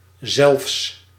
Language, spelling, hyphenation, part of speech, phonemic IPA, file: Dutch, zelfs, zelfs, adverb, /zɛlfs/, Nl-zelfs.ogg
- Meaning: even (extreme example)